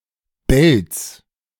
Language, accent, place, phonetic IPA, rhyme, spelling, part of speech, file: German, Germany, Berlin, [bɛlt͡s], -ɛlt͡s, Belts, noun, De-Belts.ogg
- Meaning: genitive singular of Belt